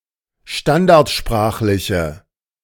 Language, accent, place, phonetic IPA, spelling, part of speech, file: German, Germany, Berlin, [ˈʃtandaʁtˌʃpʁaːxlɪçə], standardsprachliche, adjective, De-standardsprachliche.ogg
- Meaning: inflection of standardsprachlich: 1. strong/mixed nominative/accusative feminine singular 2. strong nominative/accusative plural 3. weak nominative all-gender singular